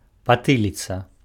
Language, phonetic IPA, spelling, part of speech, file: Belarusian, [paˈtɨlʲit͡sa], патыліца, noun, Be-патыліца.ogg
- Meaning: nape (back of the neck)